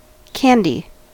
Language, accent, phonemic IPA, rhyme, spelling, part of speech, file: English, US, /ˈkæn.di/, -ændi, candy, noun / verb, En-us-candy.ogg
- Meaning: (noun) Crystallized sugar formed by boiling down sugar syrup